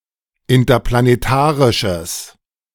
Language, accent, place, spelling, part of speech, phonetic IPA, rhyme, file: German, Germany, Berlin, interplanetarisches, adjective, [ɪntɐplaneˈtaːʁɪʃəs], -aːʁɪʃəs, De-interplanetarisches.ogg
- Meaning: strong/mixed nominative/accusative neuter singular of interplanetarisch